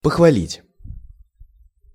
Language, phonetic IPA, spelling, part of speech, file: Russian, [pəxvɐˈlʲitʲ], похвалить, verb, Ru-похвалить.ogg
- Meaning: to compliment; to praise